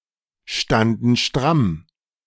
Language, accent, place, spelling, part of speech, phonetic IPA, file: German, Germany, Berlin, standen stramm, verb, [ˌʃtandn̩ ˈʃtʁam], De-standen stramm.ogg
- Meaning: first/third-person plural preterite of strammstehen